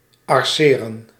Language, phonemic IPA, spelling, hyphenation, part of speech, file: Dutch, /ɑrˈseːrə(n)/, arceren, ar‧ce‧ren, verb, Nl-arceren.ogg
- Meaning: 1. to hatch, shadow with parallel lines 2. to highlight, mark with a colorful pen